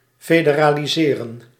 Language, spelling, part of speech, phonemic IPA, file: Dutch, federaliseren, verb, /feːdəraːliˈzeːrə(n)/, Nl-federaliseren.ogg
- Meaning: to federalize/federalise